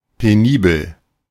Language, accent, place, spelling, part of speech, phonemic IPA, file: German, Germany, Berlin, penibel, adjective, /peˈniːbəl/, De-penibel.ogg
- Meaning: meticulous